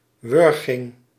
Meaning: strangulation
- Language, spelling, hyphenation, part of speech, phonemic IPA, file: Dutch, wurging, wur‧ging, noun, /ˈʋʏr.ɣɪŋ/, Nl-wurging.ogg